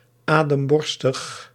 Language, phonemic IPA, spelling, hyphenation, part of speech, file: Dutch, /ˌaː.dəmˈbɔr.stəx/, ademborstig, adem‧bor‧stig, adjective, Nl-ademborstig.ogg
- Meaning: dyspneic